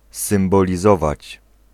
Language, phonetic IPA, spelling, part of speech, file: Polish, [ˌsɨ̃mbɔlʲiˈzɔvat͡ɕ], symbolizować, verb, Pl-symbolizować.ogg